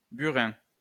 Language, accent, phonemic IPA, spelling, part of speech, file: French, France, /by.ʁɛ̃/, burin, noun, LL-Q150 (fra)-burin.wav
- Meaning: burin, graver